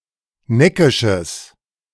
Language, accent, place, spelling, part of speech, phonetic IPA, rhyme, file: German, Germany, Berlin, neckisches, adjective, [ˈnɛkɪʃəs], -ɛkɪʃəs, De-neckisches.ogg
- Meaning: strong/mixed nominative/accusative neuter singular of neckisch